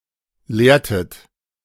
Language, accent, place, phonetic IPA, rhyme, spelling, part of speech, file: German, Germany, Berlin, [ˈleːɐ̯tət], -eːɐ̯tət, lehrtet, verb, De-lehrtet.ogg
- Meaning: inflection of lehren: 1. second-person plural preterite 2. second-person plural subjunctive II